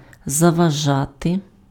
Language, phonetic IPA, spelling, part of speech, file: Ukrainian, [zɐʋɐˈʒate], заважати, verb, Uk-заважати.ogg
- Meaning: to hinder, to obstruct, to impede, to hamper [with dative] (be an obstacle to)